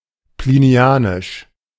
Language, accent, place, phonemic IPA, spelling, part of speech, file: German, Germany, Berlin, /pliˈni̯aːnɪʃ/, plinianisch, adjective, De-plinianisch.ogg
- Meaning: Plinian